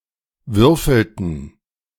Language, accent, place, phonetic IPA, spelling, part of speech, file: German, Germany, Berlin, [ˈvʏʁfl̩tn̩], würfelten, verb, De-würfelten.ogg
- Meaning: inflection of würfeln: 1. first/third-person plural preterite 2. first/third-person plural subjunctive II